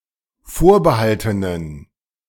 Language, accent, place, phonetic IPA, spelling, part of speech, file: German, Germany, Berlin, [ˈfoːɐ̯bəˌhaltənən], vorbehaltenen, adjective, De-vorbehaltenen.ogg
- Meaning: inflection of vorbehalten: 1. strong genitive masculine/neuter singular 2. weak/mixed genitive/dative all-gender singular 3. strong/weak/mixed accusative masculine singular 4. strong dative plural